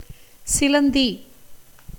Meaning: spider
- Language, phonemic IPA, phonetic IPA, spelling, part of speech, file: Tamil, /tʃɪlɐnd̪iː/, [sɪlɐn̪d̪iː], சிலந்தி, noun, Ta-சிலந்தி.ogg